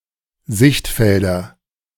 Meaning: nominative/accusative/genitive plural of Sichtfeld
- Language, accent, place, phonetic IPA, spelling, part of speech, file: German, Germany, Berlin, [ˈzɪçtˌfɛldɐ], Sichtfelder, noun, De-Sichtfelder.ogg